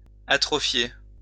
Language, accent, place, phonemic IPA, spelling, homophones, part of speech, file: French, France, Lyon, /a.tʁɔ.fje/, atrophier, atrophiai / atrophiée / atrophiées / atrophiés / atrophiez, verb, LL-Q150 (fra)-atrophier.wav
- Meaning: atrophy (wither)